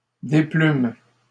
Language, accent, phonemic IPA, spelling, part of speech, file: French, Canada, /de.plym/, déplûmes, verb, LL-Q150 (fra)-déplûmes.wav
- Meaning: first-person plural past historic of déplaire